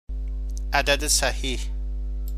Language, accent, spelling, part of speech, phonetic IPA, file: Persian, Iran, عدد صحیح, noun, [ʔæ.d̪ǽ.d̪e sæ.ɦíːʰ], Fa-عدد صحیح.ogg
- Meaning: integer